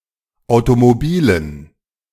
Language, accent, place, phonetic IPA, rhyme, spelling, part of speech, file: German, Germany, Berlin, [ˌaʊ̯tomoˈbiːlən], -iːlən, Automobilen, noun, De-Automobilen.ogg
- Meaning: dative plural of Automobil